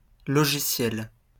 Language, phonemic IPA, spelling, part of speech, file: French, /lɔ.ʒi.sjɛl/, logiciel, noun / adjective, LL-Q150 (fra)-logiciel.wav
- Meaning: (noun) 1. software (encoded computer instructions) 2. computer program, piece of software; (adjective) software